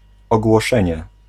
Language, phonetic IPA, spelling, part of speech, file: Polish, [ˌɔɡwɔˈʃɛ̃ɲɛ], ogłoszenie, noun, Pl-ogłoszenie.ogg